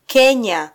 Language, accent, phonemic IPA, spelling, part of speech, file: Swahili, Kenya, /ˈkɛ.ɲɑ/, Kenya, proper noun, Sw-ke-Kenya.flac
- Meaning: Kenya (a country in East Africa)